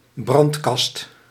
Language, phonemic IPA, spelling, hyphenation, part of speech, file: Dutch, /ˈbrɑnt.kɑst/, brandkast, brand‧kast, noun, Nl-brandkast.ogg
- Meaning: a safe, a strongbox